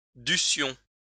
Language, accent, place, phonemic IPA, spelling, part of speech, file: French, France, Lyon, /dy.sjɔ̃/, dussions, verb, LL-Q150 (fra)-dussions.wav
- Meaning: first-person plural imperfect subjunctive of devoir